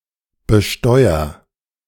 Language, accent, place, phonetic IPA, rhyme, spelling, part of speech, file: German, Germany, Berlin, [bəˈʃtɔɪ̯ɐ], -ɔɪ̯ɐ, besteuer, verb, De-besteuer.ogg
- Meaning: inflection of besteuern: 1. first-person singular present 2. singular imperative